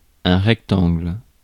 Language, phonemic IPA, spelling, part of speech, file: French, /ʁɛk.tɑ̃ɡl/, rectangle, noun / adjective, Fr-rectangle.ogg
- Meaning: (noun) rectangle; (adjective) right-angled (of a geometric figure)